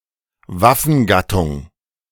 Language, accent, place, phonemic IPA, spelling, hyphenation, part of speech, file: German, Germany, Berlin, /ˈvafn̩ˌɡatʊŋ/, Waffengattung, Waf‧fen‧gat‧tung, noun, De-Waffengattung.ogg
- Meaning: service branch